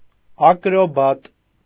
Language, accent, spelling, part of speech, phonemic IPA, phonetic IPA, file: Armenian, Eastern Armenian, ակրոբատ, noun, /ɑkɾoˈbɑt/, [ɑkɾobɑ́t], Hy-ակրոբատ.ogg
- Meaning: acrobat